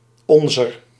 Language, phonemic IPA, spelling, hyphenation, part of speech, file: Dutch, /ˈɔn.zər/, onzer, on‧zer, determiner / pronoun, Nl-onzer.ogg
- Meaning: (determiner) inflection of ons (“our”): 1. genitive feminine/plural 2. dative feminine; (pronoun) genitive of wij (“us”)